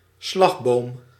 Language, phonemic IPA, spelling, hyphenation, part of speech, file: Dutch, /ˈslɑx.boːm/, slagboom, slag‧boom, noun, Nl-slagboom.ogg
- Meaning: boom barrier, boom gate